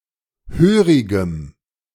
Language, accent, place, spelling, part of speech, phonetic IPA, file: German, Germany, Berlin, hörigem, adjective, [ˈhøːʁɪɡəm], De-hörigem.ogg
- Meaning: strong dative masculine/neuter singular of hörig